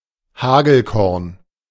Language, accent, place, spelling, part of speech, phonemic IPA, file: German, Germany, Berlin, Hagelkorn, noun, /ˈhaːɡl̩ˌkɔʁn/, De-Hagelkorn.ogg
- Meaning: 1. hailstone 2. chalazion